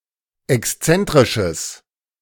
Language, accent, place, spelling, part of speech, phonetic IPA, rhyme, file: German, Germany, Berlin, exzentrisches, adjective, [ɛksˈt͡sɛntʁɪʃəs], -ɛntʁɪʃəs, De-exzentrisches.ogg
- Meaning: strong/mixed nominative/accusative neuter singular of exzentrisch